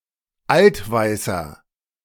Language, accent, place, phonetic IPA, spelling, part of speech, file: German, Germany, Berlin, [ˈaltˌvaɪ̯sɐ], altweißer, adjective, De-altweißer.ogg
- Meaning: inflection of altweiß: 1. strong/mixed nominative masculine singular 2. strong genitive/dative feminine singular 3. strong genitive plural